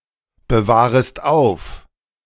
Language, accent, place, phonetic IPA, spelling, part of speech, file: German, Germany, Berlin, [bəˌvaːʁəst ˈaʊ̯f], bewahrest auf, verb, De-bewahrest auf.ogg
- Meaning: second-person singular subjunctive I of aufbewahren